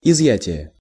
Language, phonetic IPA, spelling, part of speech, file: Russian, [ɪzˈjætʲɪje], изъятие, noun, Ru-изъятие.ogg
- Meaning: 1. withdrawal, removal, immobilization (of currency) 2. exception